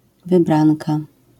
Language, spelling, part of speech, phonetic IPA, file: Polish, wybranka, noun, [vɨˈbrãnka], LL-Q809 (pol)-wybranka.wav